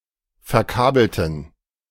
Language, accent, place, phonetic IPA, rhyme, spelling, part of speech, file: German, Germany, Berlin, [fɛɐ̯ˈkaːbl̩tn̩], -aːbl̩tn̩, verkabelten, adjective / verb, De-verkabelten.ogg
- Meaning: inflection of verkabeln: 1. first/third-person plural preterite 2. first/third-person plural subjunctive II